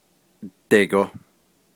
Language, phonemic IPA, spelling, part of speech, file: Navajo, /tèɪ̀kò/, deigo, adverb, Nv-deigo.ogg
- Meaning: upward, up